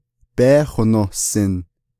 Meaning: second-person duoplural imperfective of yééhósin
- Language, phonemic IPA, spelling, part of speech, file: Navajo, /péːhònòhsɪ̀n/, bééhonohsin, verb, Nv-bééhonohsin.ogg